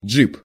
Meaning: 1. Jeep 2. jeep, SUV
- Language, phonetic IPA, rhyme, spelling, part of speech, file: Russian, [d͡ʐʐɨp], -ɨp, джип, noun, Ru-джип.ogg